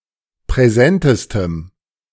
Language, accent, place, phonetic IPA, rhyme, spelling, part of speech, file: German, Germany, Berlin, [pʁɛˈzɛntəstəm], -ɛntəstəm, präsentestem, adjective, De-präsentestem.ogg
- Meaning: strong dative masculine/neuter singular superlative degree of präsent